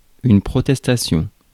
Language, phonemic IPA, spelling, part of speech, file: French, /pʁɔ.tɛs.ta.sjɔ̃/, protestation, noun, Fr-protestation.ogg
- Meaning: 1. admission, exclamation, statement 2. protest, objection